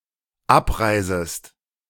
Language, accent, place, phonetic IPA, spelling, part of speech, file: German, Germany, Berlin, [ˈapˌʁaɪ̯zəst], abreisest, verb, De-abreisest.ogg
- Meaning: second-person singular dependent subjunctive I of abreisen